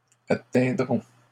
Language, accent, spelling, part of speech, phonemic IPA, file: French, Canada, atteindrons, verb, /a.tɛ̃.dʁɔ̃/, LL-Q150 (fra)-atteindrons.wav
- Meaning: first-person plural future of atteindre